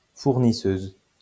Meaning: female equivalent of fournisseur
- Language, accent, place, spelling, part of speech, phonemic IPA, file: French, France, Lyon, fournisseuse, noun, /fuʁ.ni.søz/, LL-Q150 (fra)-fournisseuse.wav